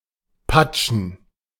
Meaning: to splash
- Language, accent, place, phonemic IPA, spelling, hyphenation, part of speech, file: German, Germany, Berlin, /ˈpat͡ʃn̩/, patschen, pat‧schen, verb, De-patschen.ogg